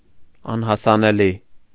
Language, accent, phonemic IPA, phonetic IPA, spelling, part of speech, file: Armenian, Eastern Armenian, /ɑnhɑsɑneˈli/, [ɑnhɑsɑnelí], անհասանելի, adjective, Hy-անհասանելի .ogg
- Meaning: 1. inaccessible 2. unavailable